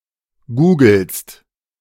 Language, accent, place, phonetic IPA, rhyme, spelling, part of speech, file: German, Germany, Berlin, [ˈɡuːɡl̩st], -uːɡl̩st, googelst, verb, De-googelst.ogg
- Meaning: second-person singular present of googeln